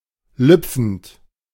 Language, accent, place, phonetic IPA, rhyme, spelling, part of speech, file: German, Germany, Berlin, [ˈlʏp͡fn̩t], -ʏp͡fn̩t, lüpfend, verb, De-lüpfend.ogg
- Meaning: present participle of lüpfen